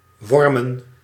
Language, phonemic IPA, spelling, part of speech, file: Dutch, /ˈwɔrmə(n)/, wormen, noun, Nl-wormen.ogg
- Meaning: plural of worm